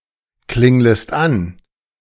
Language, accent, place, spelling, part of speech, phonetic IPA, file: German, Germany, Berlin, klinglest an, verb, [ˌklɪŋləst ˈan], De-klinglest an.ogg
- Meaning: second-person singular subjunctive I of anklingeln